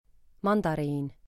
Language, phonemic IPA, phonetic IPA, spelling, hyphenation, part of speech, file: Estonian, /ˈmɑnd̥ɑriːn/, [ˈmɑnd̥ɑriːn], mandariin, man‧da‧riin, noun, Et-mandariin.ogg
- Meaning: 1. tangerine, mandarin orange 2. tangerine, mandarin orange: A small orange citrus fruit, the fruit of Citrus reticulata 3. mandarin